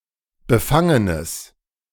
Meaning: strong/mixed nominative/accusative neuter singular of befangen
- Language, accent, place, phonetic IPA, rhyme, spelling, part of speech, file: German, Germany, Berlin, [bəˈfaŋənəs], -aŋənəs, befangenes, adjective, De-befangenes.ogg